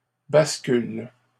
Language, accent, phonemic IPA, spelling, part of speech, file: French, Canada, /bas.kyl/, bascule, noun / verb, LL-Q150 (fra)-bascule.wav
- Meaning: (noun) 1. seesaw 2. flip-flop; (verb) inflection of basculer: 1. first/third-person singular present indicative/subjunctive 2. second-person singular imperative